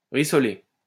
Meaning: to brown (meat, etc.)
- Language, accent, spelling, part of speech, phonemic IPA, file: French, France, rissoler, verb, /ʁi.sɔ.le/, LL-Q150 (fra)-rissoler.wav